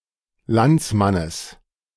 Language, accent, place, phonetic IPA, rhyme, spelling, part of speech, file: German, Germany, Berlin, [ˈlant͡sˌmanəs], -ant͡smanəs, Landsmannes, noun, De-Landsmannes.ogg
- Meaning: genitive singular of Landsmann